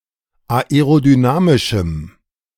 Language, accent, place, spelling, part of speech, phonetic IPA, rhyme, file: German, Germany, Berlin, aerodynamischem, adjective, [aeʁodyˈnaːmɪʃm̩], -aːmɪʃm̩, De-aerodynamischem.ogg
- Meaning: strong dative masculine/neuter singular of aerodynamisch